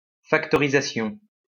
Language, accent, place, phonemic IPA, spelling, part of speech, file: French, France, Lyon, /fak.tɔ.ʁi.za.sjɔ̃/, factorisation, noun, LL-Q150 (fra)-factorisation.wav
- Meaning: factorisation